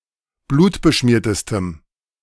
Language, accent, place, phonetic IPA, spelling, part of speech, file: German, Germany, Berlin, [ˈbluːtbəˌʃmiːɐ̯təstəm], blutbeschmiertestem, adjective, De-blutbeschmiertestem.ogg
- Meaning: strong dative masculine/neuter singular superlative degree of blutbeschmiert